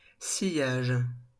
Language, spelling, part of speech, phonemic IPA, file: French, sillage, noun, /si.jaʒ/, LL-Q150 (fra)-sillage.wav
- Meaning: 1. wake (the path left behind a ship on the surface of the water) 2. slipstream 3. sillage (trail of scent left behind by one who wears perfume)